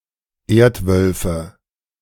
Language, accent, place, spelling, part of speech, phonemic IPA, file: German, Germany, Berlin, Erdwölfe, noun, /ˈeːɐ̯tˌvœlfə/, De-Erdwölfe.ogg
- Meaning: nominative/accusative/genitive plural of Erdwolf